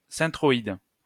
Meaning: centroid
- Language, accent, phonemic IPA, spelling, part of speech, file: French, France, /sɑ̃.tʁɔ.id/, centroïde, noun, LL-Q150 (fra)-centroïde.wav